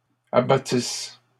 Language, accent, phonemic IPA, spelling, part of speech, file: French, Canada, /a.ba.tis/, abattisses, verb, LL-Q150 (fra)-abattisses.wav
- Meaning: second-person singular imperfect subjunctive of abattre